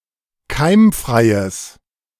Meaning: strong/mixed nominative/accusative neuter singular of keimfrei
- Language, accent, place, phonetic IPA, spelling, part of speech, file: German, Germany, Berlin, [ˈkaɪ̯mˌfʁaɪ̯əs], keimfreies, adjective, De-keimfreies.ogg